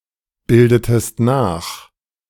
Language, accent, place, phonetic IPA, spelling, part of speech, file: German, Germany, Berlin, [ˌbɪldətəst ˈnaːx], bildetest nach, verb, De-bildetest nach.ogg
- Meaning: inflection of nachbilden: 1. second-person singular preterite 2. second-person singular subjunctive II